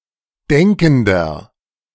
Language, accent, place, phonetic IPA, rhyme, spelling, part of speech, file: German, Germany, Berlin, [ˈdɛŋkn̩dɐ], -ɛŋkn̩dɐ, denkender, adjective, De-denkender.ogg
- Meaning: inflection of denkend: 1. strong/mixed nominative masculine singular 2. strong genitive/dative feminine singular 3. strong genitive plural